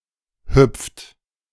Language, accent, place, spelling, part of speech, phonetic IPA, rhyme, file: German, Germany, Berlin, hüpft, verb, [hʏp͡ft], -ʏp͡ft, De-hüpft.ogg
- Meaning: inflection of hüpfen: 1. third-person singular present 2. second-person plural present 3. plural imperative